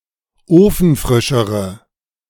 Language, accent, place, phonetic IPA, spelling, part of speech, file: German, Germany, Berlin, [ˈoːfn̩ˌfʁɪʃəʁə], ofenfrischere, adjective, De-ofenfrischere.ogg
- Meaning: inflection of ofenfrisch: 1. strong/mixed nominative/accusative feminine singular comparative degree 2. strong nominative/accusative plural comparative degree